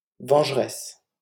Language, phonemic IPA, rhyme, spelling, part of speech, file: French, /vɑ̃ʒ.ʁɛs/, -ɛs, vengeresse, adjective / noun, LL-Q150 (fra)-vengeresse.wav
- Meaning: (adjective) feminine singular of vengeur; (noun) female equivalent of vengeur